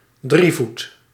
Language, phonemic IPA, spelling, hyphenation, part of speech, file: Dutch, /ˈdri.vut/, drievoet, drie‧voet, noun, Nl-drievoet.ogg
- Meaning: a tripod: vessel, stool, bench or stand on three legs